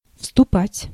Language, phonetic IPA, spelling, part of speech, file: Russian, [fstʊˈpatʲ], вступать, verb, Ru-вступать.ogg
- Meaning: 1. to enter, to march into (of the troops) 2. to join (to become a member of) 3. to begin, to start, to assume